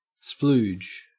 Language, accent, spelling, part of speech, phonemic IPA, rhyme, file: English, Australia, splooge, noun / verb, /spluːd͡ʒ/, -uːdʒ, En-au-splooge.ogg
- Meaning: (noun) 1. Semen 2. Ejaculation; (verb) 1. To ejaculate; to cum 2. To spill or splat